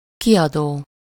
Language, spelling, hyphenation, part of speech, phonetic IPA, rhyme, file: Hungarian, kiadó, ki‧adó, verb / adjective / noun, [ˈkijɒdoː], -doː, Hu-kiadó.ogg
- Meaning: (verb) present participle of kiad; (adjective) for rent; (noun) publisher (one who publishes, especially books)